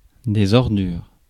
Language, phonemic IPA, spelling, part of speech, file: French, /ɔʁ.dyʁ/, ordures, noun, Fr-ordures.ogg
- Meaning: plural of ordure